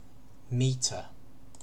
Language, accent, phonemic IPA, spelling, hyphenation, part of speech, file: English, UK, /ˈmiːtə/, metre, me‧tre, noun / verb, En-uk-metre.ogg